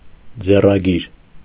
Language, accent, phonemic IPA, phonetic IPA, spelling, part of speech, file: Armenian, Eastern Armenian, /d͡zerɑˈɡiɾ/, [d͡zerɑɡíɾ], ձեռագիր, noun / adjective, Hy-ձեռագիր.ogg
- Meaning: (noun) 1. manuscript 2. handwriting; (adjective) 1. handwritten 2. cursive